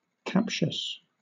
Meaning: That captures; especially, (of an argument, words etc.) designed to capture or entrap in misleading arguments; sophistical
- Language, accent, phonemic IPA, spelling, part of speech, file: English, Southern England, /ˈkæpʃəs/, captious, adjective, LL-Q1860 (eng)-captious.wav